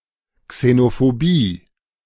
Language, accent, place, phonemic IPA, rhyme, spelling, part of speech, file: German, Germany, Berlin, /ksenofoˈbiː/, -iː, Xenophobie, noun, De-Xenophobie.ogg
- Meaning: xenophobia